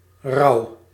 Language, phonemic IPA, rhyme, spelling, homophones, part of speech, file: Dutch, /rɑu̯/, -ɑu̯, rauw, rouw, adjective, Nl-rauw.ogg
- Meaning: 1. raw, uncooked 2. raw, in a roughed up state, e.g. skinned or infected 3. hard, cruel, gross, rude